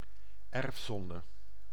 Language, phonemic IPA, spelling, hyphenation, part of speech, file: Dutch, /ˈɛrfˌsɔn.də/, erfzonde, erf‧zon‧de, noun, Nl-erfzonde.ogg
- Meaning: original sin